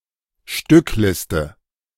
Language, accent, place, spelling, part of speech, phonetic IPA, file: German, Germany, Berlin, Stückliste, noun, [ˈʃtʏkˌlɪstə], De-Stückliste.ogg
- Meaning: stock / parts list; bill of materials